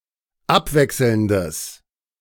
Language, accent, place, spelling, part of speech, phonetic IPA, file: German, Germany, Berlin, abwechselndes, adjective, [ˈapˌvɛksl̩ndəs], De-abwechselndes.ogg
- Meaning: strong/mixed nominative/accusative neuter singular of abwechselnd